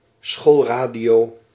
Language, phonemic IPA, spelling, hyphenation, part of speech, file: Dutch, /ˈsxoːlˌraː.di.oː/, schoolradio, school‧ra‧dio, noun, Nl-schoolradio.ogg
- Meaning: radio broadcasting aimed at primary and (less commonly) secondary school students for classroom use